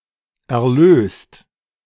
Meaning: 1. past participle of erlösen 2. inflection of erlösen: second/third-person singular present 3. inflection of erlösen: second-person plural present 4. inflection of erlösen: plural imperative
- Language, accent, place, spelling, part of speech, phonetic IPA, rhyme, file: German, Germany, Berlin, erlöst, verb, [ɛɐ̯ˈløːst], -øːst, De-erlöst.ogg